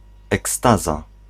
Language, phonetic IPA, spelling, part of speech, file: Polish, [ɛkˈstaza], ekstaza, noun, Pl-ekstaza.ogg